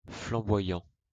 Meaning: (verb) present participle of flamboyer; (adjective) 1. flaming (also heraldry) 2. flamboyant; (noun) flamboyant (Delonix regia)
- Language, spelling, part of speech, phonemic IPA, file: French, flamboyant, verb / adjective / noun, /flɑ̃.bwa.jɑ̃/, LL-Q150 (fra)-flamboyant.wav